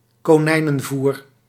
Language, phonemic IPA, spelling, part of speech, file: Dutch, /koːˈnɛi̯.nə(n)ˌvur/, konijnenvoer, noun, Nl-konijnenvoer.ogg
- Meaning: 1. rabbit fodder 2. rabbit food (salads or other typically raw vegetable foods)